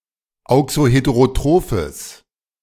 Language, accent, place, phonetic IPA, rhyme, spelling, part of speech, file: German, Germany, Berlin, [ˌaʊ̯ksoˌheteʁoˈtʁoːfəs], -oːfəs, auxoheterotrophes, adjective, De-auxoheterotrophes.ogg
- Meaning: strong/mixed nominative/accusative neuter singular of auxoheterotroph